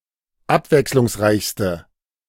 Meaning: inflection of abwechslungsreich: 1. strong/mixed nominative/accusative feminine singular superlative degree 2. strong nominative/accusative plural superlative degree
- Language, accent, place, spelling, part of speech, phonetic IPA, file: German, Germany, Berlin, abwechslungsreichste, adjective, [ˈapvɛkslʊŋsˌʁaɪ̯çstə], De-abwechslungsreichste.ogg